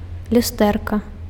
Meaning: diminutive of лю́стра (ljústra)
- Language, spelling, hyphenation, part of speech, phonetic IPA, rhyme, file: Belarusian, люстэрка, лю‧стэр‧ка, noun, [lʲuˈstɛrka], -ɛrka, Be-люстэрка.ogg